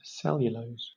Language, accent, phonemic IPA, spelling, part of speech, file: English, Southern England, /ˈsɛljʊləʊz/, cellulose, noun / adjective, LL-Q1860 (eng)-cellulose.wav